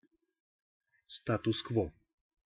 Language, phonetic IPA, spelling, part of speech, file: Russian, [ˈstatʊs kvo], статус-кво, noun, Ru-статус-кво.ogg
- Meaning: status quo (the state of things)